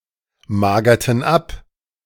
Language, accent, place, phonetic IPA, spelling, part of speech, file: German, Germany, Berlin, [ˌmaːɡɐtn̩ ˈap], magerten ab, verb, De-magerten ab.ogg
- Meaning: inflection of abmagern: 1. first/third-person plural preterite 2. first/third-person plural subjunctive II